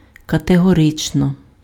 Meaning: categorically
- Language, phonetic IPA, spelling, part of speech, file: Ukrainian, [kɐteɦɔˈrɪt͡ʃnɔ], категорично, adverb, Uk-категорично.ogg